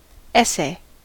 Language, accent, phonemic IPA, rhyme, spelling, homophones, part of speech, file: English, US, /ˈɛs.eɪ/, -ɛseɪ, essay, ese, noun, En-us-essay.ogg
- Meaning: 1. A written composition of moderate length, exploring a particular issue or subject 2. A test, experiment; an assay 3. An attempt 4. A proposed design for a postage stamp or a banknote